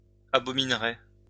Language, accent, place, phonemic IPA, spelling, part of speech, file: French, France, Lyon, /a.bɔ.min.ʁe/, abominerez, verb, LL-Q150 (fra)-abominerez.wav
- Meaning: second-person plural simple future of abominer